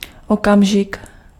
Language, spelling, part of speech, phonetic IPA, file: Czech, okamžik, noun, [ˈokamʒɪk], Cs-okamžik.ogg
- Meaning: moment, second